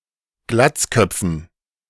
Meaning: dative plural of Glatzkopf
- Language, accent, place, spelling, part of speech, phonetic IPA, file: German, Germany, Berlin, Glatzköpfen, noun, [ˈɡlat͡sˌkœp͡fn̩], De-Glatzköpfen.ogg